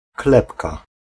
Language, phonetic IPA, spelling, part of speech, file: Polish, [ˈklɛpka], klepka, noun, Pl-klepka.ogg